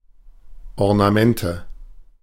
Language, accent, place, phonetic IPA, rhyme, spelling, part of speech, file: German, Germany, Berlin, [ɔʁnaˈmɛntə], -ɛntə, Ornamente, noun, De-Ornamente.ogg
- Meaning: nominative/accusative/genitive plural of Ornament